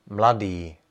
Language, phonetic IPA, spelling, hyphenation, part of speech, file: Czech, [ˈmladiː], mladý, mla‧dý, adjective, Cs-mladý.ogg
- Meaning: young